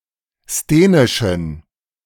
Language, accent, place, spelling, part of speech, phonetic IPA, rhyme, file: German, Germany, Berlin, sthenischen, adjective, [steːnɪʃn̩], -eːnɪʃn̩, De-sthenischen.ogg
- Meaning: inflection of sthenisch: 1. strong genitive masculine/neuter singular 2. weak/mixed genitive/dative all-gender singular 3. strong/weak/mixed accusative masculine singular 4. strong dative plural